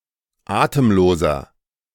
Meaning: inflection of atemlos: 1. strong/mixed nominative masculine singular 2. strong genitive/dative feminine singular 3. strong genitive plural
- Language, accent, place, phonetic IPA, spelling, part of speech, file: German, Germany, Berlin, [ˈaːtəmˌloːzɐ], atemloser, adjective, De-atemloser.ogg